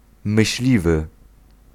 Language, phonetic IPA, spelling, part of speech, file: Polish, [mɨɕˈlʲivɨ], myśliwy, noun, Pl-myśliwy.ogg